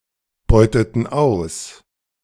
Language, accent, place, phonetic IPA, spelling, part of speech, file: German, Germany, Berlin, [ˌbɔɪ̯tətn̩ ˈaʊ̯s], beuteten aus, verb, De-beuteten aus.ogg
- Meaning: inflection of ausbeuten: 1. first/third-person plural preterite 2. first/third-person plural subjunctive II